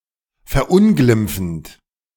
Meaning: present participle of verunglimpfen
- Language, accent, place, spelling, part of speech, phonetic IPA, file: German, Germany, Berlin, verunglimpfend, verb, [fɛɐ̯ˈʔʊnɡlɪmp͡fn̩t], De-verunglimpfend.ogg